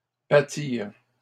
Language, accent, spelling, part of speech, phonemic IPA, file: French, Canada, battirent, verb, /ba.tiʁ/, LL-Q150 (fra)-battirent.wav
- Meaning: third-person plural past historic of battre